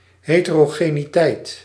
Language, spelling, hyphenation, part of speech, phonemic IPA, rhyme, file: Dutch, heterogeniteit, he‧te‧ro‧ge‧ni‧teit, noun, /ˌɦeː.tə.roː.ɣeː.niˈtɛi̯t/, -ɛi̯t, Nl-heterogeniteit.ogg
- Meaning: heterogeneity